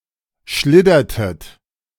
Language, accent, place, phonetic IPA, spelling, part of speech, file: German, Germany, Berlin, [ˈʃlɪdɐtət], schliddertet, verb, De-schliddertet.ogg
- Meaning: inflection of schliddern: 1. second-person plural preterite 2. second-person plural subjunctive II